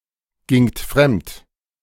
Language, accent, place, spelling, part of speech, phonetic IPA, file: German, Germany, Berlin, gingt fremd, verb, [ˌɡɪŋt ˈfʁɛmt], De-gingt fremd.ogg
- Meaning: second-person plural preterite of fremdgehen